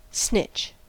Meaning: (verb) 1. To inform on someone, especially in betrayal of others 2. To contact or cooperate with the police for any reason 3. To steal, quickly and quietly; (noun) A thief
- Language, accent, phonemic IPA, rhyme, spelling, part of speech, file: English, US, /snɪt͡ʃ/, -ɪtʃ, snitch, verb / noun, En-us-snitch.ogg